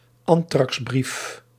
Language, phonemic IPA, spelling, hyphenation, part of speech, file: Dutch, /ˈɑn.trɑksˌbrif/, antraxbrief, an‧trax‧brief, noun, Nl-antraxbrief.ogg
- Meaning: anthrax letter